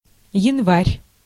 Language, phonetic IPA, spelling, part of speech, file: Russian, [(j)ɪnˈvarʲ], январь, noun, Ru-январь.ogg
- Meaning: January